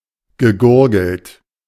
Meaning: past participle of gurgeln
- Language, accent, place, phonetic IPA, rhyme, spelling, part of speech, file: German, Germany, Berlin, [ɡəˈɡʊʁɡl̩t], -ʊʁɡl̩t, gegurgelt, verb, De-gegurgelt.ogg